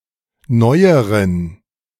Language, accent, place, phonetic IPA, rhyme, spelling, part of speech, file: German, Germany, Berlin, [ˈnɔɪ̯əʁən], -ɔɪ̯əʁən, neueren, adjective, De-neueren.ogg
- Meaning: inflection of neu: 1. strong genitive masculine/neuter singular comparative degree 2. weak/mixed genitive/dative all-gender singular comparative degree